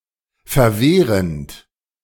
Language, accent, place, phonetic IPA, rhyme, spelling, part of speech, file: German, Germany, Berlin, [fɛɐ̯ˈveːʁənt], -eːʁənt, verwehrend, verb, De-verwehrend.ogg
- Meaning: present participle of verwehren